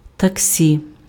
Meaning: taxi; cab
- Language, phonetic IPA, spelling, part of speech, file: Ukrainian, [tɐkˈsʲi], таксі, noun, Uk-таксі.ogg